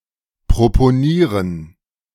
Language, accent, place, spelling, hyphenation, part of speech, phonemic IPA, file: German, Germany, Berlin, proponieren, pro‧po‧nie‧ren, verb, /pʁopoˈniːʁən/, De-proponieren.ogg
- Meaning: to propose